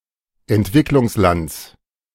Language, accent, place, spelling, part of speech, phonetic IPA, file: German, Germany, Berlin, Entwicklungslands, noun, [ɛntˈvɪklʊŋsˌlant͡s], De-Entwicklungslands.ogg
- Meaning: genitive singular of Entwicklungsland